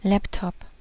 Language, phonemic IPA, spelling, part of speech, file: German, /ˈlɛptɔp/, Laptop, noun, De-Laptop.ogg
- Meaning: laptop computer